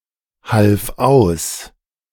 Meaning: first/third-person singular preterite of aushelfen
- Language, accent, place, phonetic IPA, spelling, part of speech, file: German, Germany, Berlin, [ˌhalf ˈaʊ̯s], half aus, verb, De-half aus.ogg